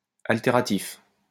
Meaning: alterative
- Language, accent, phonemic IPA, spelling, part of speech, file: French, France, /al.te.ʁa.tif/, altératif, adjective, LL-Q150 (fra)-altératif.wav